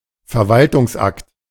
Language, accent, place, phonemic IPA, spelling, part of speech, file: German, Germany, Berlin, /fɛɐ̯ˈvaltʊŋsˌʔakt/, Verwaltungsakt, noun, De-Verwaltungsakt.ogg
- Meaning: administrative act